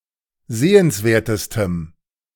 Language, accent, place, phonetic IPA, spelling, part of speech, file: German, Germany, Berlin, [ˈzeːənsˌveːɐ̯təstəm], sehenswertestem, adjective, De-sehenswertestem.ogg
- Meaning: strong dative masculine/neuter singular superlative degree of sehenswert